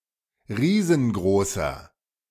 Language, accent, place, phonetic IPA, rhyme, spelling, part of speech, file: German, Germany, Berlin, [ˈʁiːzn̩ˈɡʁoːsɐ], -oːsɐ, riesengroßer, adjective, De-riesengroßer.ogg
- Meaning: inflection of riesengroß: 1. strong/mixed nominative masculine singular 2. strong genitive/dative feminine singular 3. strong genitive plural